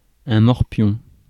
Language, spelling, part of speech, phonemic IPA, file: French, morpion, noun, /mɔʁ.pjɔ̃/, Fr-morpion.ogg
- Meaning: 1. crabs, pubic lice 2. brat, sprog, unruly child 3. tic-tac-toe (US), noughts and crosses (UK)